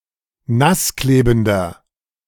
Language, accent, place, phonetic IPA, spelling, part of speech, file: German, Germany, Berlin, [ˈnasˌkleːbn̩dɐ], nassklebender, adjective, De-nassklebender.ogg
- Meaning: inflection of nassklebend: 1. strong/mixed nominative masculine singular 2. strong genitive/dative feminine singular 3. strong genitive plural